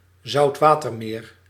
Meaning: saltwater lake
- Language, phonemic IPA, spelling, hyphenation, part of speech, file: Dutch, /zɑu̯tˈʋaː.tərˌmeːr/, zoutwatermeer, zout‧wa‧ter‧meer, noun, Nl-zoutwatermeer.ogg